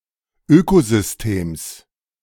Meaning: genitive singular of Ökosystem
- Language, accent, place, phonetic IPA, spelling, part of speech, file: German, Germany, Berlin, [ˈøːkozʏsˌteːms], Ökosystems, noun, De-Ökosystems.ogg